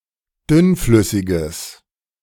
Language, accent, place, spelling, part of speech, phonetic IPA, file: German, Germany, Berlin, dünnflüssiges, adjective, [ˈdʏnˌflʏsɪɡəs], De-dünnflüssiges.ogg
- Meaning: strong/mixed nominative/accusative neuter singular of dünnflüssig